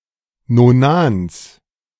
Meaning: genitive of Nonan
- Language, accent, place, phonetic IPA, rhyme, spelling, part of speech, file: German, Germany, Berlin, [noˈnaːns], -aːns, Nonans, noun, De-Nonans.ogg